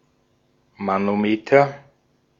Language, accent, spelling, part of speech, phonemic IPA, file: German, Austria, Manometer, noun / interjection, /ˌmanoˈmeːtɐ/, De-at-Manometer.ogg
- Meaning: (noun) manometer (instrument); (interjection) oh man (an exclamation of astonishment or annoyance)